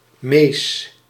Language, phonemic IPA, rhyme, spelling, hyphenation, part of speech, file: Dutch, /meːs/, -eːs, Mees, Mees, proper noun, Nl-Mees.ogg
- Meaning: a male given name